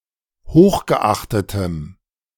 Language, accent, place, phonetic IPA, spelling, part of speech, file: German, Germany, Berlin, [ˈhoːxɡəˌʔaxtətəm], hochgeachtetem, adjective, De-hochgeachtetem.ogg
- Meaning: strong dative masculine/neuter singular of hochgeachtet